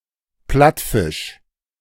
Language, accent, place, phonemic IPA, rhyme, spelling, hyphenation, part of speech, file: German, Germany, Berlin, /ˈplatfɪʃ/, -ɪʃ, Plattfisch, Platt‧fisch, noun, De-Plattfisch.ogg
- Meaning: flatfish (fish of the order Pleuronectiformes)